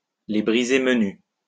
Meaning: to give (someone) the shits, to piss off (to annoy someone a lot, to annoy the hell out of someone)
- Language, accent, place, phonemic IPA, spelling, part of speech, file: French, France, Lyon, /le bʁi.ze m(ə).ny/, les briser menues, verb, LL-Q150 (fra)-les briser menues.wav